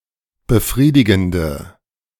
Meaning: inflection of befriedigend: 1. strong/mixed nominative/accusative feminine singular 2. strong nominative/accusative plural 3. weak nominative all-gender singular
- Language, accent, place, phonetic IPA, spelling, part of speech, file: German, Germany, Berlin, [bəˈfʁiːdɪɡn̩də], befriedigende, adjective, De-befriedigende.ogg